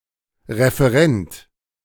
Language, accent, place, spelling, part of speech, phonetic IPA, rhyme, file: German, Germany, Berlin, Referent, noun, [ʁefəˈʁɛnt], -ɛnt, De-Referent.ogg
- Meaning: 1. referee (person who gives a reference) 2. consultant, advisor 3. referent 4. speaker